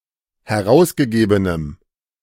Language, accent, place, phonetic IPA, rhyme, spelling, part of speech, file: German, Germany, Berlin, [hɛˈʁaʊ̯sɡəˌɡeːbənəm], -aʊ̯sɡəɡeːbənəm, herausgegebenem, adjective, De-herausgegebenem.ogg
- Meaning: strong dative masculine/neuter singular of herausgegeben